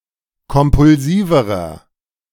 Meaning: inflection of kompulsiv: 1. strong/mixed nominative masculine singular comparative degree 2. strong genitive/dative feminine singular comparative degree 3. strong genitive plural comparative degree
- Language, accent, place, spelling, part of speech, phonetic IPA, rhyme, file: German, Germany, Berlin, kompulsiverer, adjective, [kɔmpʊlˈziːvəʁɐ], -iːvəʁɐ, De-kompulsiverer.ogg